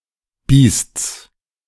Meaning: genitive singular of Biest
- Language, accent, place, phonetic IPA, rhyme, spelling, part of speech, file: German, Germany, Berlin, [biːst͡s], -iːst͡s, Biests, noun, De-Biests.ogg